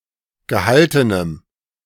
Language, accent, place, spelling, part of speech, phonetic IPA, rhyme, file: German, Germany, Berlin, gehaltenem, adjective, [ɡəˈhaltənəm], -altənəm, De-gehaltenem.ogg
- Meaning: strong dative masculine/neuter singular of gehalten